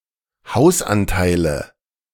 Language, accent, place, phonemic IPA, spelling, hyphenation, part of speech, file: German, Germany, Berlin, /ˈhaʊ̯sˌʔantaɪ̯lə/, Hausanteile, Haus‧an‧tei‧le, noun, De-Hausanteile.ogg
- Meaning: nominative genitive accusative plural of Hausanteil